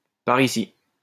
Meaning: 1. over here, here (to this place) 2. around here 3. this way
- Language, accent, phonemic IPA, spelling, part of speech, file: French, France, /pa.ʁ‿i.si/, par ici, adverb, LL-Q150 (fra)-par ici.wav